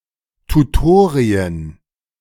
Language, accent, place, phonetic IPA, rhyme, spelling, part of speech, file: German, Germany, Berlin, [tuˈtoːʁiən], -oːʁiən, Tutorien, noun, De-Tutorien.ogg
- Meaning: plural of Tutorium